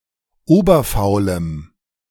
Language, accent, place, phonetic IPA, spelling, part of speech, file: German, Germany, Berlin, [ˈoːbɐfaʊ̯ləm], oberfaulem, adjective, De-oberfaulem.ogg
- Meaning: strong dative masculine/neuter singular of oberfaul